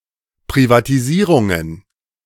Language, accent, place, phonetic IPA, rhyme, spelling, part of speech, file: German, Germany, Berlin, [pʁivatiˈziːʁʊŋən], -iːʁʊŋən, Privatisierungen, noun, De-Privatisierungen.ogg
- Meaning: plural of Privatisierung